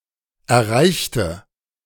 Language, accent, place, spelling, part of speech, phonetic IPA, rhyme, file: German, Germany, Berlin, erreichte, adjective / verb, [ɛɐ̯ˈʁaɪ̯çtə], -aɪ̯çtə, De-erreichte.ogg
- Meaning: inflection of erreichen: 1. first/third-person singular preterite 2. first/third-person singular subjunctive II